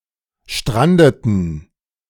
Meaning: inflection of stranden: 1. first/third-person plural preterite 2. first/third-person plural subjunctive II
- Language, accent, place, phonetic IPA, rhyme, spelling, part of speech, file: German, Germany, Berlin, [ˈʃtʁandətn̩], -andətn̩, strandeten, verb, De-strandeten.ogg